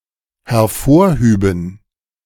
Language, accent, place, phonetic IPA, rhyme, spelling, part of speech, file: German, Germany, Berlin, [hɛɐ̯ˈfoːɐ̯ˌhyːbn̩], -oːɐ̯hyːbn̩, hervorhüben, verb, De-hervorhüben.ogg
- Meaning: first/third-person plural dependent subjunctive II of hervorheben